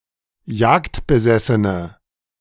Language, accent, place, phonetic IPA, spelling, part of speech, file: German, Germany, Berlin, [ˈjaːktbəˌzɛsənə], jagdbesessene, adjective, De-jagdbesessene.ogg
- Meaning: inflection of jagdbesessen: 1. strong/mixed nominative/accusative feminine singular 2. strong nominative/accusative plural 3. weak nominative all-gender singular